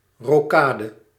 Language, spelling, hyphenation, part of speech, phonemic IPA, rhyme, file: Dutch, rokade, ro‧ka‧de, noun, /ˌroːˈkaː.də/, -aːdə, Nl-rokade.ogg
- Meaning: castling